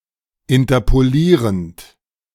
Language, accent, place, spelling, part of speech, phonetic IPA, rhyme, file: German, Germany, Berlin, interpolierend, verb, [ɪntɐpoˈliːʁənt], -iːʁənt, De-interpolierend.ogg
- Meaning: present participle of interpolieren